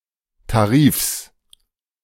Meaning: genitive singular of Tarif
- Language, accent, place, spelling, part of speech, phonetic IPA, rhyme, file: German, Germany, Berlin, Tarifs, noun, [taˈʁiːfs], -iːfs, De-Tarifs.ogg